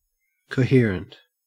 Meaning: 1. Unified; sticking together; making up a whole 2. Orderly, logical and consistent 3. Aesthetically ordered 4. Having a natural or due agreement of parts; harmonious: a coherent design
- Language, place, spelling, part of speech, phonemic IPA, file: English, Queensland, coherent, adjective, /kəʉˈhɪə.ɹənt/, En-au-coherent.ogg